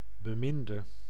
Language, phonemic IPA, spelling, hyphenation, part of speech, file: Dutch, /bəˈmɪndə/, beminde, be‧min‧de, noun / verb, Nl-beminde.ogg
- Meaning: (noun) loved one; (verb) inflection of bemind: 1. masculine/feminine singular attributive 2. definite neuter singular attributive 3. plural attributive